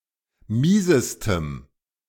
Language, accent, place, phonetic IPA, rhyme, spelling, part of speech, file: German, Germany, Berlin, [ˈmiːzəstəm], -iːzəstəm, miesestem, adjective, De-miesestem.ogg
- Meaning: strong dative masculine/neuter singular superlative degree of mies